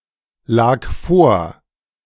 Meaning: first/third-person singular preterite of vorliegen
- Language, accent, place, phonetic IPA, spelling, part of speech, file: German, Germany, Berlin, [ˌlaːk ˈfoːɐ̯], lag vor, verb, De-lag vor.ogg